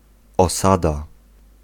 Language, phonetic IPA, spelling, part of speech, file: Polish, [ɔˈsada], osada, noun, Pl-osada.ogg